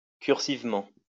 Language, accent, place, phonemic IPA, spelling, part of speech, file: French, France, Lyon, /kyʁ.siv.mɑ̃/, cursivement, adverb, LL-Q150 (fra)-cursivement.wav
- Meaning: cursively